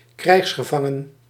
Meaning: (adjective) captive, taken as a prisoner of war; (noun) obsolete form of krijgsgevangene
- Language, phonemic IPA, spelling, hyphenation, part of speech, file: Dutch, /ˈkrɛi̯xs.xəˌvɑ.ŋən/, krijgsgevangen, krijgs‧ge‧van‧gen, adjective / noun, Nl-krijgsgevangen.ogg